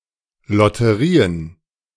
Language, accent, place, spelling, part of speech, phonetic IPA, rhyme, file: German, Germany, Berlin, Lotterien, noun, [lɔtəˈʁiːən], -iːən, De-Lotterien.ogg
- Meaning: plural of Lotterie "lotteries"